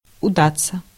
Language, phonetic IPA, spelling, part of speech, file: Russian, [ʊˈdat͡sːə], удаться, verb, Ru-удаться.ogg
- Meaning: 1. to turn out well, to be a success 2. to succeed